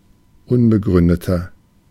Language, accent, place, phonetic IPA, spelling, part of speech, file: German, Germany, Berlin, [ˈʊnbəˌɡʁʏndətɐ], unbegründeter, adjective, De-unbegründeter.ogg
- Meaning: 1. comparative degree of unbegründet 2. inflection of unbegründet: strong/mixed nominative masculine singular 3. inflection of unbegründet: strong genitive/dative feminine singular